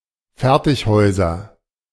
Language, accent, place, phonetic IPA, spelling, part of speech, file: German, Germany, Berlin, [ˈfɛʁtɪçˌhɔɪ̯zɐ], Fertighäuser, noun, De-Fertighäuser.ogg
- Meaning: nominative/accusative/genitive plural of Fertighaus